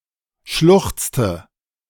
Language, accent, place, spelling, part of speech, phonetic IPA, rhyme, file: German, Germany, Berlin, schluchzte, verb, [ˈʃlʊxt͡stə], -ʊxt͡stə, De-schluchzte.ogg
- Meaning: inflection of schluchzen: 1. first/third-person singular preterite 2. first/third-person singular subjunctive II